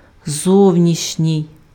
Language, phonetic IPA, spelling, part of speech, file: Ukrainian, [ˈzɔu̯nʲiʃnʲii̯], зовнішній, adjective, Uk-зовнішній.ogg
- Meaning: 1. outer, outside, outward, external, exterior 2. foreign